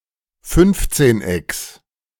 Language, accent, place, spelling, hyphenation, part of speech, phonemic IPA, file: German, Germany, Berlin, Fünfzehnecks, Fünf‧zehn‧ecks, noun, /ˈfʏnftseːnˌ.ɛks/, De-Fünfzehnecks.ogg
- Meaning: genitive singular of Fünfzehneck